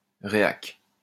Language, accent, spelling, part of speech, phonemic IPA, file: French, France, réac, adjective / noun, /ʁe.ak/, LL-Q150 (fra)-réac.wav
- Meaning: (adjective) reactionary; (noun) reactionary (person)